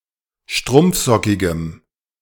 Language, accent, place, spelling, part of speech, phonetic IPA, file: German, Germany, Berlin, strumpfsockigem, adjective, [ˈʃtʁʊmp͡fˌzɔkɪɡəm], De-strumpfsockigem.ogg
- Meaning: strong dative masculine/neuter singular of strumpfsockig